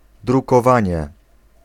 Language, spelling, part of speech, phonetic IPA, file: Polish, drukowanie, noun, [ˌdrukɔˈvãɲɛ], Pl-drukowanie.ogg